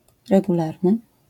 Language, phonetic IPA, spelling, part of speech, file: Polish, [ˌrɛɡuˈlarnɨ], regularny, adjective, LL-Q809 (pol)-regularny.wav